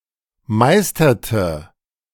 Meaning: inflection of meistern: 1. first/third-person singular preterite 2. first/third-person singular subjunctive II
- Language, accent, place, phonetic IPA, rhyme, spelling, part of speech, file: German, Germany, Berlin, [ˈmaɪ̯stɐtə], -aɪ̯stɐtə, meisterte, verb, De-meisterte.ogg